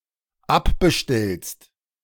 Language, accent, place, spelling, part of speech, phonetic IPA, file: German, Germany, Berlin, abbestellst, verb, [ˈapbəˌʃtɛlst], De-abbestellst.ogg
- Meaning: second-person singular dependent present of abbestellen